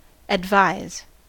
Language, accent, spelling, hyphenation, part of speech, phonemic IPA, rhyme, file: English, US, advise, ad‧vise, verb / noun, /ədˈvaɪz/, -aɪz, En-us-advise.ogg
- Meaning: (verb) 1. To give advice to; to offer an opinion to, as worthy or expedient to be followed 2. To recommend; to offer as advice 3. To formally give information or notice to; to inform or counsel